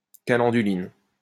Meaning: calendulin
- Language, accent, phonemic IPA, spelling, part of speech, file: French, France, /ka.lɑ̃.dy.lin/, calenduline, noun, LL-Q150 (fra)-calenduline.wav